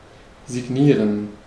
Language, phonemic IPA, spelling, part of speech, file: German, /zɪˈɡniːʁən/, signieren, verb, De-signieren.ogg
- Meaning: to sign (put a signature)